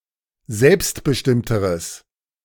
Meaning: strong/mixed nominative/accusative neuter singular comparative degree of selbstbestimmt
- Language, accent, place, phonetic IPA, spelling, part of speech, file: German, Germany, Berlin, [ˈzɛlpstbəˌʃtɪmtəʁəs], selbstbestimmteres, adjective, De-selbstbestimmteres.ogg